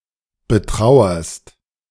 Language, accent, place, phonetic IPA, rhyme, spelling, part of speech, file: German, Germany, Berlin, [bəˈtʁaʊ̯ɐst], -aʊ̯ɐst, betrauerst, verb, De-betrauerst.ogg
- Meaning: second-person singular present of betrauern